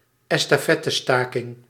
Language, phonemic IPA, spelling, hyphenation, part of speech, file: Dutch, /ɛs.taːˈfɛ.təˌstaː.kɪŋ/, estafettestaking, es‧ta‧fet‧te‧sta‧king, noun, Nl-estafettestaking.ogg